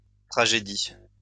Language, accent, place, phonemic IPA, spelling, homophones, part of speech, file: French, France, Lyon, /tʁa.ʒe.di/, tragédies, tragédie, noun, LL-Q150 (fra)-tragédies.wav
- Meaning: plural of tragédie